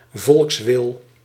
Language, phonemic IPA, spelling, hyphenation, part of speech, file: Dutch, /ˈvɔlks.ʋɪl/, volkswil, volks‧wil, noun, Nl-volkswil.ogg
- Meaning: will of the people